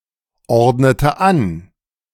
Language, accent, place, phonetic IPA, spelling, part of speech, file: German, Germany, Berlin, [ˌɔʁdnətə ˈan], ordnete an, verb, De-ordnete an.ogg
- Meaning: inflection of anordnen: 1. first/third-person singular preterite 2. first/third-person singular subjunctive II